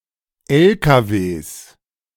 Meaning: plural of LKW
- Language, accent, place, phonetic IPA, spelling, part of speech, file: German, Germany, Berlin, [ɛlkaveːs], LKWs, noun, De-LKWs.ogg